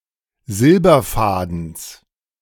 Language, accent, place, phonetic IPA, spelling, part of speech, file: German, Germany, Berlin, [ˈzɪlbɐˌfaːdn̩s], Silberfadens, noun, De-Silberfadens.ogg
- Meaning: genitive singular of Silberfaden